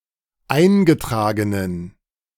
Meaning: inflection of eingetragen: 1. strong genitive masculine/neuter singular 2. weak/mixed genitive/dative all-gender singular 3. strong/weak/mixed accusative masculine singular 4. strong dative plural
- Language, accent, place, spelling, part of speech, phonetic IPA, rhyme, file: German, Germany, Berlin, eingetragenen, adjective, [ˈaɪ̯nɡəˌtʁaːɡənən], -aɪ̯nɡətʁaːɡənən, De-eingetragenen.ogg